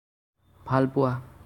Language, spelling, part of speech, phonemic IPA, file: Assamese, ভাল পোৱা, verb, /bʱɑl pʊɑ/, As-ভাল পোৱা.ogg
- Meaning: to love, like